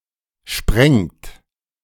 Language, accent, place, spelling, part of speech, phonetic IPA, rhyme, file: German, Germany, Berlin, sprengt, verb, [ʃpʁɛŋt], -ɛŋt, De-sprengt.ogg
- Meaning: inflection of sprengen: 1. third-person singular present 2. second-person plural present 3. plural imperative